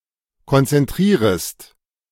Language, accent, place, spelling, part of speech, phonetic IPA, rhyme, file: German, Germany, Berlin, konzentrierest, verb, [kɔnt͡sɛnˈtʁiːʁəst], -iːʁəst, De-konzentrierest.ogg
- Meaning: second-person singular subjunctive I of konzentrieren